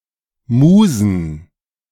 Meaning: plural of Muse
- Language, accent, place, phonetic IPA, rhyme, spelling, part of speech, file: German, Germany, Berlin, [ˈmuːzn̩], -uːzn̩, Musen, noun, De-Musen.ogg